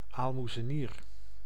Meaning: 1. almoner 2. Roman Catholic chaplain, padre
- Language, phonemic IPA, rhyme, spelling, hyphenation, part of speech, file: Dutch, /ˌaːl.mu.zəˈniːr/, -iːr, aalmoezenier, aal‧moe‧ze‧nier, noun, Nl-aalmoezenier.ogg